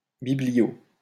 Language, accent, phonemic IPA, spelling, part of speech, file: French, France, /bi.bli.jo/, biblio, noun, LL-Q150 (fra)-biblio.wav
- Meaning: 1. clipping of bibliographie 2. clipping of bibliothèque